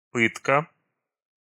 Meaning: torture, torment (intentional infliction of pain or suffering)
- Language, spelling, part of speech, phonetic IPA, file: Russian, пытка, noun, [ˈpɨtkə], Ru-пытка.ogg